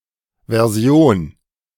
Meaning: version
- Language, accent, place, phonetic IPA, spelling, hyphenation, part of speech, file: German, Germany, Berlin, [vɛɐ̯ˈzi̯oːn], Version, Ver‧si‧on, noun, De-Version.ogg